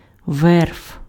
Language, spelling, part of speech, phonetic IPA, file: Ukrainian, верф, noun, [ʋɛrf], Uk-верф.ogg
- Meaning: shipyard